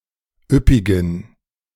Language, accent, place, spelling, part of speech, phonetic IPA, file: German, Germany, Berlin, üppigen, adjective, [ˈʏpɪɡn̩], De-üppigen.ogg
- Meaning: inflection of üppig: 1. strong genitive masculine/neuter singular 2. weak/mixed genitive/dative all-gender singular 3. strong/weak/mixed accusative masculine singular 4. strong dative plural